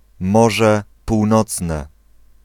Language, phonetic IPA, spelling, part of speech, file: Polish, [ˈmɔʒɛ puwˈnɔt͡snɛ], Morze Północne, proper noun, Pl-Morze Północne.ogg